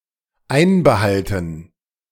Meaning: to withhold
- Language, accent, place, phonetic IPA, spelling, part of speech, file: German, Germany, Berlin, [ˈaɪ̯nbəˌhaltn̩], einbehalten, verb, De-einbehalten.ogg